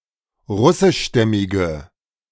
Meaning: inflection of russischstämmig: 1. strong/mixed nominative/accusative feminine singular 2. strong nominative/accusative plural 3. weak nominative all-gender singular
- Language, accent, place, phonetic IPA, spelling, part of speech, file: German, Germany, Berlin, [ˈʁʊsɪʃˌʃtɛmɪɡə], russischstämmige, adjective, De-russischstämmige.ogg